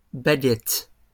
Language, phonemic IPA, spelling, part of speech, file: French, /ba.ɡɛt/, baguettes, noun, LL-Q150 (fra)-baguettes.wav
- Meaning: plural of baguette